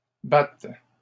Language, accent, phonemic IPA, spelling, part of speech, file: French, Canada, /bat/, battes, verb, LL-Q150 (fra)-battes.wav
- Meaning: second-person singular present subjunctive of battre